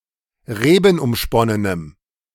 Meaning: strong dative masculine/neuter singular of rebenumsponnen
- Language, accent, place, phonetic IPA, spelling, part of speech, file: German, Germany, Berlin, [ˈʁeːbn̩ʔʊmˌʃpɔnənəm], rebenumsponnenem, adjective, De-rebenumsponnenem.ogg